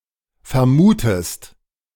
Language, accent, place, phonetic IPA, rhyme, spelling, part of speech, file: German, Germany, Berlin, [fɛɐ̯ˈmuːtəst], -uːtəst, vermutest, verb, De-vermutest.ogg
- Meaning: inflection of vermuten: 1. second-person singular present 2. second-person singular subjunctive I